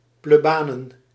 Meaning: plural of plebaan
- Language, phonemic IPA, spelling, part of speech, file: Dutch, /pleˈbanə(n)/, plebanen, noun, Nl-plebanen.ogg